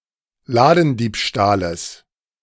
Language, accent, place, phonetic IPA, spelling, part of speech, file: German, Germany, Berlin, [ˈlaːdn̩ˌdiːpʃtaːləs], Ladendiebstahles, noun, De-Ladendiebstahles.ogg
- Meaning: genitive singular of Ladendiebstahl